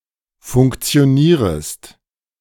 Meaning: second-person singular subjunctive I of funktionieren
- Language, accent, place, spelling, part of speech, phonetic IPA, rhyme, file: German, Germany, Berlin, funktionierest, verb, [fʊŋkt͡si̯oˈniːʁəst], -iːʁəst, De-funktionierest.ogg